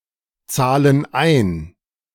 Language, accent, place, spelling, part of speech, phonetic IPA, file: German, Germany, Berlin, zahlen ein, verb, [ˌt͡saːlən ˈaɪ̯n], De-zahlen ein.ogg
- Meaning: inflection of einzahlen: 1. first/third-person plural present 2. first/third-person plural subjunctive I